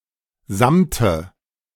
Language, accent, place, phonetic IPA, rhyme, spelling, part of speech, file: German, Germany, Berlin, [ˈzamtə], -amtə, Samte, noun, De-Samte.ogg
- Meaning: nominative/accusative/genitive plural of Samt